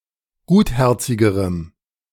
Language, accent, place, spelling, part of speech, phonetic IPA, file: German, Germany, Berlin, gutherzigerem, adjective, [ˈɡuːtˌhɛʁt͡sɪɡəʁəm], De-gutherzigerem.ogg
- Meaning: strong dative masculine/neuter singular comparative degree of gutherzig